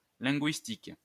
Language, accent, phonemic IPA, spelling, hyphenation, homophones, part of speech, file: French, France, /lɛ̃.ɡɥis.tik/, linguistique, lin‧guis‧tique, linguistiques, adjective / noun, LL-Q150 (fra)-linguistique.wav
- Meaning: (adjective) linguistic; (noun) linguistics (scientific study of language)